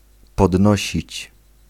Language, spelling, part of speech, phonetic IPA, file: Polish, podnosić, verb, [pɔdˈnɔɕit͡ɕ], Pl-podnosić.ogg